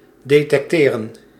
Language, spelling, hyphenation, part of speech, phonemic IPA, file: Dutch, detecteren, de‧tec‧te‧ren, verb, /deːtɛkˈteːrə(n)/, Nl-detecteren.ogg
- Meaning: to detect